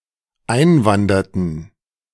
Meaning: inflection of einwandern: 1. first/third-person plural dependent preterite 2. first/third-person plural dependent subjunctive II
- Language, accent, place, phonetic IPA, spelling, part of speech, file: German, Germany, Berlin, [ˈaɪ̯nˌvandɐtn̩], einwanderten, verb, De-einwanderten.ogg